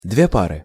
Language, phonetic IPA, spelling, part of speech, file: Russian, [ˈdvʲe ˈparɨ], две пары, noun, Ru-две пары.ogg
- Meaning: two pair